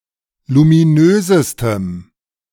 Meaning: strong dative masculine/neuter singular superlative degree of luminös
- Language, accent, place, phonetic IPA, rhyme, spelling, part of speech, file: German, Germany, Berlin, [lumiˈnøːzəstəm], -øːzəstəm, luminösestem, adjective, De-luminösestem.ogg